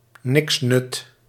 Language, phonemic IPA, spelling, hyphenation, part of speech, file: Dutch, /ˈnɪksnʏt/, niksnut, niksnut, noun, Nl-niksnut.ogg
- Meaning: good-for-nothing